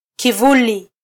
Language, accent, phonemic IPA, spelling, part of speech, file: Swahili, Kenya, /kiˈvu.li/, kivuli, noun, Sw-ke-kivuli.flac
- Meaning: shadow, shade